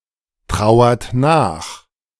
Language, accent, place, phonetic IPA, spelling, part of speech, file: German, Germany, Berlin, [ˌtʁaʊ̯ɐt ˈnaːx], trauert nach, verb, De-trauert nach.ogg
- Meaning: inflection of nachtrauern: 1. second-person plural present 2. third-person singular present 3. plural imperative